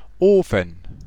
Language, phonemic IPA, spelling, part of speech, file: German, /ˈoːfən/, Ofen, noun / proper noun, DE-Ofen.ogg
- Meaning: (noun) 1. clipping of Backofen (“oven”) 2. stove 3. furnace 4. clipping of Brennofen (“kiln”); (proper noun) Buda, the western part of the Hungarian capital Budapest